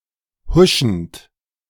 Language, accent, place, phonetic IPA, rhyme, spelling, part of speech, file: German, Germany, Berlin, [ˈhʊʃn̩t], -ʊʃn̩t, huschend, verb, De-huschend.ogg
- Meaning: present participle of huschen